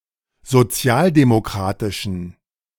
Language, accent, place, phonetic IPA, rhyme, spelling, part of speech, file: German, Germany, Berlin, [zoˈt͡si̯aːldemoˌkʁaːtɪʃn̩], -aːldemokʁaːtɪʃn̩, sozialdemokratischen, adjective, De-sozialdemokratischen.ogg
- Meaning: inflection of sozialdemokratisch: 1. strong genitive masculine/neuter singular 2. weak/mixed genitive/dative all-gender singular 3. strong/weak/mixed accusative masculine singular